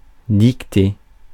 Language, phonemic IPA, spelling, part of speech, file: French, /dik.te/, dictée, verb / noun, Fr-dictée.ogg
- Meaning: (verb) feminine singular of dicté; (noun) dictation, the process of speaking for someone else to write down the words